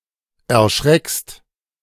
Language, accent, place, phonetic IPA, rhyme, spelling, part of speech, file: German, Germany, Berlin, [ɛɐ̯ˈʃʁɛkst], -ɛkst, erschreckst, verb, De-erschreckst.ogg
- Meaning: second-person singular present of erschrecken